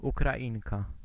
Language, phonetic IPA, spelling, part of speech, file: Polish, [ˌukraˈʲĩŋka], Ukrainka, noun, Pl-Ukrainka.ogg